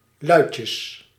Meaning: 1. diminutive of lui 2. folks, fellows 3. plural of luitje
- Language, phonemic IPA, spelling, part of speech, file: Dutch, /ˈlœycəs/, luitjes, noun, Nl-luitjes.ogg